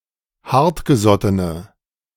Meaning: inflection of hartgesotten: 1. strong/mixed nominative/accusative feminine singular 2. strong nominative/accusative plural 3. weak nominative all-gender singular
- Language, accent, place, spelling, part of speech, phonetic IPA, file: German, Germany, Berlin, hartgesottene, adjective, [ˈhaʁtɡəˌzɔtənə], De-hartgesottene.ogg